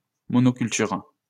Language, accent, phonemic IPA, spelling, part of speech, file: French, France, /mɔ.no.kyl.tyʁ/, monoculture, noun, LL-Q150 (fra)-monoculture.wav
- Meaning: monoculture (cultivation of a single crop at a time)